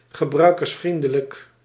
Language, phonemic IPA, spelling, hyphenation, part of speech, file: Dutch, /ɣəˌbrœy̯.kərsˈfrin.də.lək/, gebruikersvriendelijk, ge‧brui‧kers‧vrien‧de‧lijk, adjective, Nl-gebruikersvriendelijk.ogg
- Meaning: user-friendly